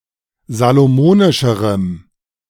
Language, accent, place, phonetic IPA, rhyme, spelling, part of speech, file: German, Germany, Berlin, [zaloˈmoːnɪʃəʁəm], -oːnɪʃəʁəm, salomonischerem, adjective, De-salomonischerem.ogg
- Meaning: strong dative masculine/neuter singular comparative degree of salomonisch